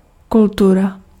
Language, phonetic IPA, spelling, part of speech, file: Czech, [ˈkultura], kultura, noun, Cs-kultura.ogg
- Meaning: 1. arts 2. culture (arts, customs and habits) 3. culture